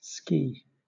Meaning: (noun) 1. One of a pair of long flat runners designed for gliding over snow or water 2. One of a pair of long flat runners under some flying machines, used for landing 3. A trip made by skiing
- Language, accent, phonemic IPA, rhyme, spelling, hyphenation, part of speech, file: English, Southern England, /skiː/, -iː, ski, ski, noun / verb, LL-Q1860 (eng)-ski.wav